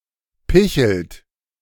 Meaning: inflection of picheln: 1. third-person singular present 2. second-person plural present 3. plural imperative
- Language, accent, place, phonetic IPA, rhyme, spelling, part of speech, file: German, Germany, Berlin, [ˈpɪçl̩t], -ɪçl̩t, pichelt, verb, De-pichelt.ogg